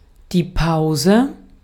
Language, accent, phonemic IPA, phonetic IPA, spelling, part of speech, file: German, Austria, /ˈpaʊ̯zə/, [ˈpaʊ̯zə], Pause, noun, De-at-Pause.ogg
- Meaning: pause (temporary interruption in speech or an activity)